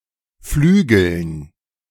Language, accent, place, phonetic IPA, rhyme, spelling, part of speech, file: German, Germany, Berlin, [ˈflyːɡl̩n], -yːɡl̩n, Flügeln, noun, De-Flügeln.ogg
- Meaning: dative plural of Flügel